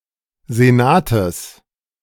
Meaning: genitive singular of Senat
- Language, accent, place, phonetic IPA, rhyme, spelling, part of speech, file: German, Germany, Berlin, [zeˈnaːtəs], -aːtəs, Senates, noun, De-Senates.ogg